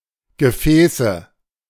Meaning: nominative/accusative/genitive plural of Gefäß
- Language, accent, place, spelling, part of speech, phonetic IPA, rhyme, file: German, Germany, Berlin, Gefäße, noun, [ɡəˈfɛːsə], -ɛːsə, De-Gefäße.ogg